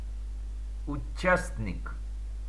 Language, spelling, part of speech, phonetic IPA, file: Russian, участник, noun, [ʊˈt͡ɕæsʲnʲɪk], Ru-участник.ogg